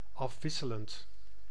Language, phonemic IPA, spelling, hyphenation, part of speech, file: Dutch, /ˌɑfˈʋɪ.sə.lənt/, afwisselend, af‧wis‧se‧lend, adjective / verb, Nl-afwisselend.ogg
- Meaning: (adjective) 1. alternating 2. varied; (verb) present participle of afwisselen